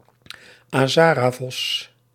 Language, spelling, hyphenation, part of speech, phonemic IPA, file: Dutch, Azaravos, Aza‧ra‧vos, noun, /aːˈzaː.raːˌvɔs/, Nl-Azaravos.ogg
- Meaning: pampas fox, Azara's fox (Lycalopex gymnocercus)